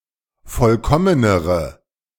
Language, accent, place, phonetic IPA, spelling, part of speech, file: German, Germany, Berlin, [ˈfɔlkɔmənəʁə], vollkommenere, adjective, De-vollkommenere.ogg
- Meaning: inflection of vollkommen: 1. strong/mixed nominative/accusative feminine singular comparative degree 2. strong nominative/accusative plural comparative degree